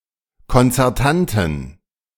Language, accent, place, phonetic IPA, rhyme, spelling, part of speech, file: German, Germany, Berlin, [kɔnt͡sɛʁˈtantn̩], -antn̩, konzertanten, adjective, De-konzertanten.ogg
- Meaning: inflection of konzertant: 1. strong genitive masculine/neuter singular 2. weak/mixed genitive/dative all-gender singular 3. strong/weak/mixed accusative masculine singular 4. strong dative plural